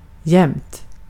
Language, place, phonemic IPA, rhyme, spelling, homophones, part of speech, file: Swedish, Gotland, /jɛmt/, -ɛmt, jämt, jämnt, adverb / adjective, Sv-jämt.ogg
- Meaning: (adverb) 1. always, all the time 2. misspelling of jämnt (“smoothly”); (adjective) misspelling of jämnt (“smooth”)